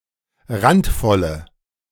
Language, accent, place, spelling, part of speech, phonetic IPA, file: German, Germany, Berlin, randvolle, adjective, [ˈʁantˌfɔlə], De-randvolle.ogg
- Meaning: inflection of randvoll: 1. strong/mixed nominative/accusative feminine singular 2. strong nominative/accusative plural 3. weak nominative all-gender singular